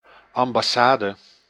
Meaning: 1. an embassy, diplomatic legation to permanently represent a foreign state at (the highest) embassador's level 2. an ambassadorial mission 3. an embassy building 4. an envoy, spokesman
- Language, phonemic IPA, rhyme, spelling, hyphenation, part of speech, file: Dutch, /ˌɑm.bɑˈsaː.də/, -aːdə, ambassade, am‧bas‧sa‧de, noun, Nl-ambassade.ogg